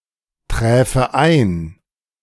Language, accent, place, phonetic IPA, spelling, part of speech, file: German, Germany, Berlin, [ˌtʁɛːfə ˈaɪ̯n], träfe ein, verb, De-träfe ein.ogg
- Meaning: first/third-person singular subjunctive II of eintreffen